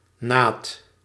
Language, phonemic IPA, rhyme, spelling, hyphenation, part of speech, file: Dutch, /naːt/, -aːt, naad, naad, noun, Nl-naad.ogg
- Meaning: 1. a seam, as where pieces of textile are sewn together 2. another joint or juncture, notably in construction, mechanics, etc 3. the gluteal cleft or the vulva